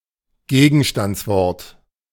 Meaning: 1. noun 2. concrete noun
- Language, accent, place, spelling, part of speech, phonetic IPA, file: German, Germany, Berlin, Gegenstandswort, noun, [ˈɡeːɡn̩ʃtant͡sˌvɔʁt], De-Gegenstandswort.ogg